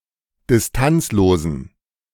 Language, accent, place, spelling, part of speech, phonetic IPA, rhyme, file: German, Germany, Berlin, distanzlosen, adjective, [dɪsˈtant͡sloːzn̩], -ant͡sloːzn̩, De-distanzlosen.ogg
- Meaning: inflection of distanzlos: 1. strong genitive masculine/neuter singular 2. weak/mixed genitive/dative all-gender singular 3. strong/weak/mixed accusative masculine singular 4. strong dative plural